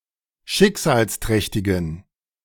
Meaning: inflection of schicksalsträchtig: 1. strong genitive masculine/neuter singular 2. weak/mixed genitive/dative all-gender singular 3. strong/weak/mixed accusative masculine singular
- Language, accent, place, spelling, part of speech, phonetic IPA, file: German, Germany, Berlin, schicksalsträchtigen, adjective, [ˈʃɪkzaːlsˌtʁɛçtɪɡn̩], De-schicksalsträchtigen.ogg